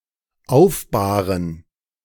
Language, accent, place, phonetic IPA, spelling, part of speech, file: German, Germany, Berlin, [ˈaʊ̯fˌbaːʁən], aufbahren, verb, De-aufbahren.ogg
- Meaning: to lay out a body in preparation for burial